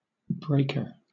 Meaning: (noun) 1. Something that breaks (something else) 2. A machine for breaking rocks, or for breaking coal at the mines 3. The building in which such a machine is placed
- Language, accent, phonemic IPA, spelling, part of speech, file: English, Southern England, /ˈbɹeɪkə/, breaker, noun / interjection, LL-Q1860 (eng)-breaker.wav